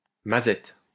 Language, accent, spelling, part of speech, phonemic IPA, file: French, France, mazette, noun / interjection, /ma.zɛt/, LL-Q150 (fra)-mazette.wav
- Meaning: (noun) duffer (incompetent person); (interjection) Expression of surprise or amazement, in either a positive or negative sense